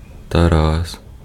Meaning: a male given name, Taras, from Ancient Greek
- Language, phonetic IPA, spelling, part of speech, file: Ukrainian, [tɐˈras], Тарас, proper noun, Uk-Тарас.ogg